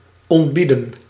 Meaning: 1. to summon, send for someone 2. to notify, tell, inform 3. to order, tell what to do
- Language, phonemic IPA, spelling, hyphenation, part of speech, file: Dutch, /ˌɔntˈbi.də(n)/, ontbieden, ont‧bie‧den, verb, Nl-ontbieden.ogg